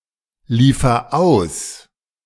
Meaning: inflection of ausliefern: 1. first-person singular present 2. singular imperative
- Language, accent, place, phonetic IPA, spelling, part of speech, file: German, Germany, Berlin, [ˌliːfɐ ˈaʊ̯s], liefer aus, verb, De-liefer aus.ogg